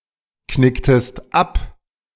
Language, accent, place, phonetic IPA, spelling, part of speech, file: German, Germany, Berlin, [ˌknɪktəst ˈap], knicktest ab, verb, De-knicktest ab.ogg
- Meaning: inflection of abknicken: 1. second-person singular preterite 2. second-person singular subjunctive II